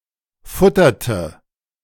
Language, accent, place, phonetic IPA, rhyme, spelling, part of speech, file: German, Germany, Berlin, [ˈfʊtɐtə], -ʊtɐtə, futterte, verb, De-futterte.ogg
- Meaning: inflection of futtern: 1. first/third-person singular preterite 2. first/third-person singular subjunctive II